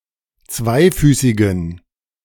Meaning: inflection of zweifüßig: 1. strong genitive masculine/neuter singular 2. weak/mixed genitive/dative all-gender singular 3. strong/weak/mixed accusative masculine singular 4. strong dative plural
- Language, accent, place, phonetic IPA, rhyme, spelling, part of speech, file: German, Germany, Berlin, [ˈt͡svaɪ̯ˌfyːsɪɡn̩], -aɪ̯fyːsɪɡn̩, zweifüßigen, adjective, De-zweifüßigen.ogg